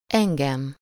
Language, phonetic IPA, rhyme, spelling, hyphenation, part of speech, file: Hungarian, [ˈɛŋɡɛm], -ɛm, engem, en‧gem, pronoun, Hu-engem.ogg
- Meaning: accusative of én (“I”): me (as the direct object of a verb)